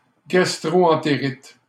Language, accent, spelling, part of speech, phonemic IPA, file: French, Canada, gastro-entérite, noun, /ɡas.tʁo.ɑ̃.te.ʁit/, LL-Q150 (fra)-gastro-entérite.wav
- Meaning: gastroenteritis